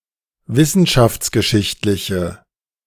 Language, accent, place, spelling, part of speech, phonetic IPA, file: German, Germany, Berlin, wissenschaftsgeschichtliche, adjective, [ˈvɪsn̩ʃaft͡sɡəˌʃɪçtlɪçə], De-wissenschaftsgeschichtliche.ogg
- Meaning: inflection of wissenschaftsgeschichtlich: 1. strong/mixed nominative/accusative feminine singular 2. strong nominative/accusative plural 3. weak nominative all-gender singular